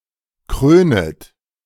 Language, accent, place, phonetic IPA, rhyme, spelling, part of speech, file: German, Germany, Berlin, [ˈkʁøːnət], -øːnət, krönet, verb, De-krönet.ogg
- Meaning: second-person plural subjunctive I of krönen